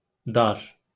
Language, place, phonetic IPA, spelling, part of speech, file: Azerbaijani, Baku, [dɑr], dar, adjective / noun, LL-Q9292 (aze)-dar.wav
- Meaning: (adjective) 1. narrow 2. tight, too small; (noun) 1. place 2. big house 3. land, country